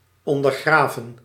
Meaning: 1. to sap, wear off from underneath 2. to subvert, undermine 3. past participle of ondergraven
- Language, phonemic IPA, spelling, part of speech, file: Dutch, /ˌɔn.dərˈɣraː.və(n)/, ondergraven, verb, Nl-ondergraven.ogg